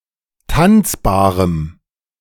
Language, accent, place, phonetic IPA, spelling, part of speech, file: German, Germany, Berlin, [ˈtant͡sbaːʁəm], tanzbarem, adjective, De-tanzbarem.ogg
- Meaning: strong dative masculine/neuter singular of tanzbar